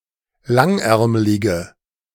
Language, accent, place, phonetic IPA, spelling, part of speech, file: German, Germany, Berlin, [ˈlaŋˌʔɛʁmlɪɡə], langärmlige, adjective, De-langärmlige.ogg
- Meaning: inflection of langärmlig: 1. strong/mixed nominative/accusative feminine singular 2. strong nominative/accusative plural 3. weak nominative all-gender singular